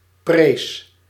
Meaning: singular past indicative of prijzen
- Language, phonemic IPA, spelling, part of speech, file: Dutch, /pres/, prees, verb, Nl-prees.ogg